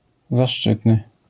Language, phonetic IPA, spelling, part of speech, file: Polish, [zaˈʃt͡ʃɨtnɨ], zaszczytny, adjective, LL-Q809 (pol)-zaszczytny.wav